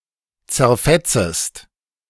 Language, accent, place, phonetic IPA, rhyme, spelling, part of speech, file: German, Germany, Berlin, [t͡sɛɐ̯ˈfɛt͡səst], -ɛt͡səst, zerfetzest, verb, De-zerfetzest.ogg
- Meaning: second-person singular subjunctive I of zerfetzen